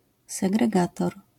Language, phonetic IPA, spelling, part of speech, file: Polish, [ˌsɛɡrɛˈɡatɔr], segregator, noun, LL-Q809 (pol)-segregator.wav